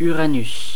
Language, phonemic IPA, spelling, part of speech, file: French, /y.ʁa.nys/, Uranus, proper noun, Fr-Uranus.ogg
- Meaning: 1. Caelus (Roman deity) Note: The Greek deity Uranus is Ouranos 2. Uranus (planet)